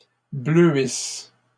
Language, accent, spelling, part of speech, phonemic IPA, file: French, Canada, bleuisses, verb, /blø.is/, LL-Q150 (fra)-bleuisses.wav
- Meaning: second-person singular present/imperfect subjunctive of bleuir